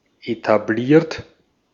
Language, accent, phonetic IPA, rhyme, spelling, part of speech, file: German, Austria, [etaˈbliːɐ̯t], -iːɐ̯t, etabliert, adjective / verb, De-at-etabliert.ogg
- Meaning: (verb) past participle of etablieren; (adjective) 1. traditional, old-fashioned, established 2. having an established place in bourgeois society